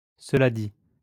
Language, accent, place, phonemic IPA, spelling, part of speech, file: French, France, Lyon, /sə.la di/, cela dit, adverb, LL-Q150 (fra)-cela dit.wav
- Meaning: that said, that being said, having said that, then again